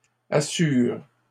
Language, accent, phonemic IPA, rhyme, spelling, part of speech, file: French, Canada, /a.syʁ/, -yʁ, assure, verb, LL-Q150 (fra)-assure.wav
- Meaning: inflection of assurer: 1. first/third-person singular present indicative/subjunctive 2. second-person singular imperative